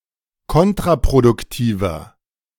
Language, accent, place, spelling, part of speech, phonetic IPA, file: German, Germany, Berlin, kontraproduktiver, adjective, [ˈkɔntʁapʁodʊkˌtiːvɐ], De-kontraproduktiver.ogg
- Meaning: 1. comparative degree of kontraproduktiv 2. inflection of kontraproduktiv: strong/mixed nominative masculine singular 3. inflection of kontraproduktiv: strong genitive/dative feminine singular